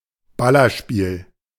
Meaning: shooter, shoot 'em up
- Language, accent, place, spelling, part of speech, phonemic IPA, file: German, Germany, Berlin, Ballerspiel, noun, /ˈbalɐʃpiːl/, De-Ballerspiel.ogg